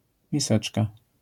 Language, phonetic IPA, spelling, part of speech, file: Polish, [mʲiˈsɛt͡ʃka], miseczka, noun, LL-Q809 (pol)-miseczka.wav